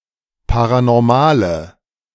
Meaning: inflection of paranormal: 1. strong/mixed nominative/accusative feminine singular 2. strong nominative/accusative plural 3. weak nominative all-gender singular
- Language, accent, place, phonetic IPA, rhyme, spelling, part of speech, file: German, Germany, Berlin, [ˌpaʁanɔʁˈmaːlə], -aːlə, paranormale, adjective, De-paranormale.ogg